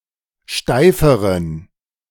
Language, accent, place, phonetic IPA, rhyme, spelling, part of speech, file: German, Germany, Berlin, [ˈʃtaɪ̯fəʁən], -aɪ̯fəʁən, steiferen, adjective, De-steiferen.ogg
- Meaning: inflection of steif: 1. strong genitive masculine/neuter singular comparative degree 2. weak/mixed genitive/dative all-gender singular comparative degree